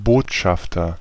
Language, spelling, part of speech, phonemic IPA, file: German, Botschafter, noun, /ˈboːtˌʃaftɐ/, De-Botschafter.ogg
- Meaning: ambassador, emissary, head of mission; messenger (male or of unspecified gender)